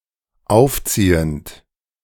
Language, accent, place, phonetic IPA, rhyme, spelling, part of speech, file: German, Germany, Berlin, [ˈaʊ̯fˌt͡siːənt], -aʊ̯ft͡siːənt, aufziehend, verb, De-aufziehend.ogg
- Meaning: present participle of aufziehen